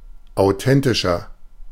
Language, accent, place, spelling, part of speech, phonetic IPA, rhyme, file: German, Germany, Berlin, authentischer, adjective, [aʊ̯ˈtɛntɪʃɐ], -ɛntɪʃɐ, De-authentischer.ogg
- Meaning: 1. comparative degree of authentisch 2. inflection of authentisch: strong/mixed nominative masculine singular 3. inflection of authentisch: strong genitive/dative feminine singular